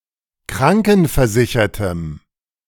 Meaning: strong dative masculine/neuter singular of krankenversichert
- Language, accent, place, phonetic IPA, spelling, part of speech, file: German, Germany, Berlin, [ˈkʁaŋkn̩fɛɐ̯ˌzɪçɐtəm], krankenversichertem, adjective, De-krankenversichertem.ogg